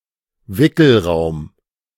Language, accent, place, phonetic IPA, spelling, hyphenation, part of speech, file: German, Germany, Berlin, [ˈvɪkl̩ˌʁaʊ̯m], Wickelraum, Wi‧ckel‧raum, noun, De-Wickelraum.ogg
- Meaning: babies’ changing room, baby change (a room in public buildings and in some means of public transport such as passenger trains in which parents can change their infant’s diaper/nappy)